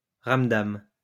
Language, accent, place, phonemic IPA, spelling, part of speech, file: French, France, Lyon, /ʁam.dam/, ramdam, noun, LL-Q150 (fra)-ramdam.wav
- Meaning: fuss, racket